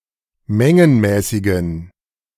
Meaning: inflection of mengenmäßig: 1. strong genitive masculine/neuter singular 2. weak/mixed genitive/dative all-gender singular 3. strong/weak/mixed accusative masculine singular 4. strong dative plural
- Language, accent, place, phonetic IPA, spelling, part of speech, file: German, Germany, Berlin, [ˈmɛŋənmɛːsɪɡn̩], mengenmäßigen, adjective, De-mengenmäßigen.ogg